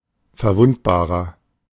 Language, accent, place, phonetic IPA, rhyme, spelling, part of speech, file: German, Germany, Berlin, [fɛɐ̯ˈvʊntbaːʁɐ], -ʊntbaːʁɐ, verwundbarer, adjective, De-verwundbarer.ogg
- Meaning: 1. comparative degree of verwundbar 2. inflection of verwundbar: strong/mixed nominative masculine singular 3. inflection of verwundbar: strong genitive/dative feminine singular